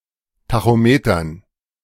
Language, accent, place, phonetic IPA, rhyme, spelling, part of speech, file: German, Germany, Berlin, [taxoˈmeːtɐn], -eːtɐn, Tachometern, noun, De-Tachometern.ogg
- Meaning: dative plural of Tachometer